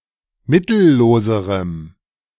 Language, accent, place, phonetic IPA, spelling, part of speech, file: German, Germany, Berlin, [ˈmɪtl̩ˌloːzəʁəm], mittelloserem, adjective, De-mittelloserem.ogg
- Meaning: strong dative masculine/neuter singular comparative degree of mittellos